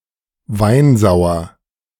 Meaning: tartaric (containing tartaric acid or tartrates)
- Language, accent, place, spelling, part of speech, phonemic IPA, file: German, Germany, Berlin, weinsauer, adjective, /ˈvaɪ̯nˌzaʊ̯ɐ/, De-weinsauer.ogg